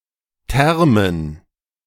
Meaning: dative plural of Term
- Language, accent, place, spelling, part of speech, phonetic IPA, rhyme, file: German, Germany, Berlin, Termen, noun, [ˈtɛʁmən], -ɛʁmən, De-Termen.ogg